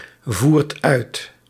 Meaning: inflection of uitvoeren: 1. second/third-person singular present indicative 2. plural imperative
- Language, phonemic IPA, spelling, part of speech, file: Dutch, /ˈvuːrt ˈœyt/, voert uit, verb, Nl-voert uit.ogg